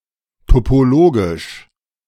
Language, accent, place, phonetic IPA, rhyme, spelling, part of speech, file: German, Germany, Berlin, [topoˈloːɡɪʃ], -oːɡɪʃ, topologisch, adjective, De-topologisch.ogg
- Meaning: topologic, topological